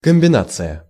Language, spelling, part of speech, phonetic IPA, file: Russian, комбинация, noun, [kəm⁽ʲ⁾bʲɪˈnat͡sɨjə], Ru-комбинация.ogg
- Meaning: 1. combination 2. scheme, system 3. manoeuvre 4. slip (women’s undergarment)